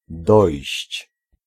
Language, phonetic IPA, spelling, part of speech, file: Polish, [dɔjɕt͡ɕ], dojść, verb, Pl-dojść.ogg